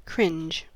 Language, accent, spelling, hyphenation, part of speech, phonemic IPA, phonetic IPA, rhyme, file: English, General American, cringe, cringe, verb / noun / adjective / interjection, /ˈkɹɪnd͡ʒ/, [ˈkʰɹʷɪnd͡ʒ], -ɪndʒ, En-us-cringe.ogg
- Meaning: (verb) To cower, flinch, recoil, shrink, or tense, as in disgust, embarrassment, or fear